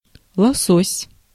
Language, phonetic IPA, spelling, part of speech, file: Russian, [ɫɐˈsosʲ], лосось, noun, Ru-лосось.ogg
- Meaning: salmon (the fish and the seafood)